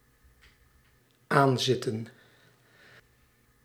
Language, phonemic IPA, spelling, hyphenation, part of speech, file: Dutch, /ˈaːnˌzɪtə(n)/, aanzitten, aan‧zit‧ten, verb, Nl-aanzitten.ogg
- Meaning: to get ready to dine; to sit down at a table (to eat)